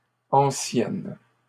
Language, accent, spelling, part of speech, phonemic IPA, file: French, Canada, anciennes, adjective, /ɑ̃.sjɛn/, LL-Q150 (fra)-anciennes.wav
- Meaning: feminine plural of ancien